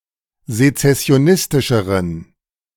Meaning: inflection of sezessionistisch: 1. strong genitive masculine/neuter singular comparative degree 2. weak/mixed genitive/dative all-gender singular comparative degree
- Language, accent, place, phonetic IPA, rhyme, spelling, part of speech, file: German, Germany, Berlin, [zet͡sɛsi̯oˈnɪstɪʃəʁən], -ɪstɪʃəʁən, sezessionistischeren, adjective, De-sezessionistischeren.ogg